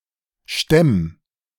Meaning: singular imperative of stemmen
- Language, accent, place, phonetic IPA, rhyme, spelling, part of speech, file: German, Germany, Berlin, [ʃtɛm], -ɛm, stemm, verb, De-stemm.ogg